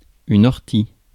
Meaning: nettle
- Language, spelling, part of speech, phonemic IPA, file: French, ortie, noun, /ɔʁ.ti/, Fr-ortie.ogg